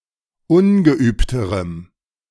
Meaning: strong dative masculine/neuter singular comparative degree of ungeübt
- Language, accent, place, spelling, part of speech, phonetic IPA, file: German, Germany, Berlin, ungeübterem, adjective, [ˈʊnɡəˌʔyːptəʁəm], De-ungeübterem.ogg